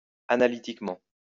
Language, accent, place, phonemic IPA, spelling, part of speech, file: French, France, Lyon, /a.na.li.tik.mɑ̃/, analytiquement, adverb, LL-Q150 (fra)-analytiquement.wav
- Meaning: analytically